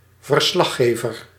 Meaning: reporter (especially an on-site reporter)
- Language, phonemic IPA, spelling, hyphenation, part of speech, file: Dutch, /vərˈslɑ(x)ˌɣeːvər/, verslaggever, ver‧slag‧ge‧ver, noun, Nl-verslaggever.ogg